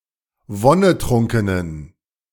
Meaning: inflection of wonnetrunken: 1. strong genitive masculine/neuter singular 2. weak/mixed genitive/dative all-gender singular 3. strong/weak/mixed accusative masculine singular 4. strong dative plural
- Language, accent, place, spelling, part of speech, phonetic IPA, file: German, Germany, Berlin, wonnetrunkenen, adjective, [ˈvɔnəˌtʁʊŋkənən], De-wonnetrunkenen.ogg